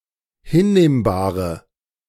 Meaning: inflection of hinnehmbar: 1. strong/mixed nominative/accusative feminine singular 2. strong nominative/accusative plural 3. weak nominative all-gender singular
- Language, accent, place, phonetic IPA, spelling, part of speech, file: German, Germany, Berlin, [ˈhɪnˌneːmbaːʁə], hinnehmbare, adjective, De-hinnehmbare.ogg